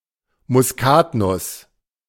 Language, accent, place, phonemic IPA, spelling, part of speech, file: German, Germany, Berlin, /mʊsˈkaːtˌnʊs/, Muskatnuss, noun, De-Muskatnuss.ogg
- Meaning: 1. nutmeg (powered spice) 2. nutmeg (whole seed) 3. ellipsis of Muskatnussbaum (“nutmeg tree”)